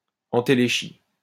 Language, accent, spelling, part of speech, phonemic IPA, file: French, France, entéléchie, noun, /ɑ̃.te.le.ʃi/, LL-Q150 (fra)-entéléchie.wav
- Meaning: entelechy